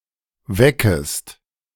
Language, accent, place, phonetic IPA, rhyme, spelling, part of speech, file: German, Germany, Berlin, [ˈvɛkəst], -ɛkəst, weckest, verb, De-weckest.ogg
- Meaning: second-person singular subjunctive I of wecken